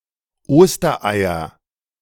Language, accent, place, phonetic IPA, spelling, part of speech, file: German, Germany, Berlin, [ˈoːstɐʔaɪ̯ɐ], Ostereier, noun, De-Ostereier.ogg
- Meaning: nominative/accusative/genitive plural of Osterei